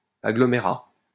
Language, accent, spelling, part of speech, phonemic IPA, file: French, France, agglomérat, noun, /a.ɡlɔ.me.ʁa/, LL-Q150 (fra)-agglomérat.wav
- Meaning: agglomerate